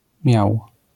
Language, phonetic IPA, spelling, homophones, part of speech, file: Polish, [mʲjaw], miau, miał, interjection, LL-Q809 (pol)-miau.wav